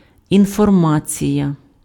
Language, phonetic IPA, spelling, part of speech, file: Ukrainian, [infɔrˈmat͡sʲijɐ], інформація, noun, Uk-інформація.ogg
- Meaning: information